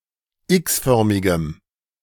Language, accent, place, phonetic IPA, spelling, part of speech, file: German, Germany, Berlin, [ˈɪksˌfœʁmɪɡəm], x-förmigem, adjective, De-x-förmigem.ogg
- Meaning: strong dative masculine/neuter singular of x-förmig